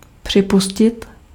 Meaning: 1. to admit, to concede 2. to allow
- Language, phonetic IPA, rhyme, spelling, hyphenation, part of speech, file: Czech, [ˈpr̝̊ɪpuscɪt], -uscɪt, připustit, při‧pu‧s‧tit, verb, Cs-připustit.ogg